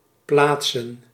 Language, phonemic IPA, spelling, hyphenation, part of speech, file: Dutch, /ˈplaːt.sə(n)/, plaatsen, plaat‧sen, verb / noun, Nl-plaatsen.ogg
- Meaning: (verb) 1. to place 2. to qualify (become eligible for some position, usually in sports); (noun) plural of plaats